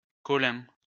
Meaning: 1. a rare male given name 2. a common surname originating as a patronymic
- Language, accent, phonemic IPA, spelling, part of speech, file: French, France, /kɔ.lɛ̃/, Colin, proper noun, LL-Q150 (fra)-Colin.wav